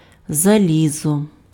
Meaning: iron
- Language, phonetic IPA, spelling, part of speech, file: Ukrainian, [zɐˈlʲizɔ], залізо, noun, Uk-залізо.ogg